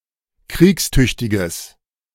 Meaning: strong/mixed nominative/accusative neuter singular of kriegstüchtig
- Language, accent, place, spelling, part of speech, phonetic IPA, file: German, Germany, Berlin, kriegstüchtiges, adjective, [ˈkʁiːksˌtʏçtɪɡəs], De-kriegstüchtiges.ogg